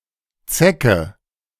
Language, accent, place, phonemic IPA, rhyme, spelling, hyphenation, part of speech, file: German, Germany, Berlin, /ˈt͡sɛkə/, -ɛkə, Zecke, Ze‧cke, noun, De-Zecke.ogg
- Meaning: 1. tick (animal) 2. leftist (person, usually young, who supports leftwing politics)